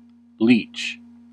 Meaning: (noun) 1. A typically aquatic blood-sucking annelid of the subclass Hirudinea, especially Hirudo medicinalis 2. A person who derives advantage from others in a parasitic fashion
- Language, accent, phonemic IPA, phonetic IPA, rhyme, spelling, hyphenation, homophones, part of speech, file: English, US, /ˈliːt͡ʃ/, [ˈlɪi̯t͡ʃ], -iːtʃ, leech, leech, leach, noun / verb, En-us-leech.ogg